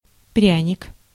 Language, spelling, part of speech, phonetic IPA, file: Russian, пряник, noun, [ˈprʲænʲɪk], Ru-пряник.ogg
- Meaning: 1. gingerbread, spice cake 2. carrot (any motivational tool; an incentive to do something)